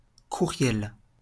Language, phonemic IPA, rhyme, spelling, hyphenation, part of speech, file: French, /ku.ʁjɛl/, -uʁjɛl, courriel, cour‧riel, noun, LL-Q150 (fra)-courriel.wav
- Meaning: 1. email (message) 2. email (system) 3. email address